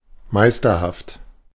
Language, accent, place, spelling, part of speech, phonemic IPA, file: German, Germany, Berlin, meisterhaft, adjective, /ˈmaɪ̯stɐhaft/, De-meisterhaft.ogg
- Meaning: masterful, virtuoso